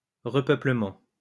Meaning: 1. repopulation 2. replanting (of trees); restocking (of merchandise)
- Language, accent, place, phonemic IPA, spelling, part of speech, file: French, France, Lyon, /ʁə.pœ.plə.mɑ̃/, repeuplement, noun, LL-Q150 (fra)-repeuplement.wav